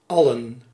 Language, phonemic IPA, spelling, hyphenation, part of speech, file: Dutch, /ˈɑlə(n)/, allen, al‧len, pronoun, Nl-allen.ogg
- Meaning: personal plural of alle (“all”)